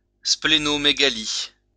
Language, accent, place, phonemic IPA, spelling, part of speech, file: French, France, Lyon, /sple.nɔ.me.ɡa.li/, splénomégalie, noun, LL-Q150 (fra)-splénomégalie.wav
- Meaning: splenomegaly